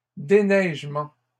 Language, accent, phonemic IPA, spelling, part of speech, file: French, Canada, /de.nɛʒ.mɑ̃/, déneigements, noun, LL-Q150 (fra)-déneigements.wav
- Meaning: plural of déneigement